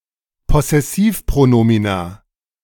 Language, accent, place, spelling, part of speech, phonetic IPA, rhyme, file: German, Germany, Berlin, Possessivpronomina, noun, [pɔsɛˈsiːfpʁoˌnoːmina], -iːfpʁonoːmina, De-Possessivpronomina.ogg
- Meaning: plural of Possessivpronomen